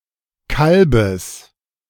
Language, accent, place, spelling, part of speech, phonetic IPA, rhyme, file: German, Germany, Berlin, Kalbes, noun, [ˈkalbəs], -albəs, De-Kalbes.ogg
- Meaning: genitive singular of Kalb